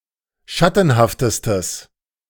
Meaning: strong/mixed nominative/accusative neuter singular superlative degree of schattenhaft
- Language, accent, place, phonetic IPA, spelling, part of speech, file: German, Germany, Berlin, [ˈʃatn̩haftəstəs], schattenhaftestes, adjective, De-schattenhaftestes.ogg